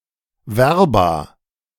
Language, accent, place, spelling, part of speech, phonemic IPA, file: German, Germany, Berlin, Verba, noun, /ˈvɛʁba/, De-Verba.ogg
- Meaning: plural of Verbum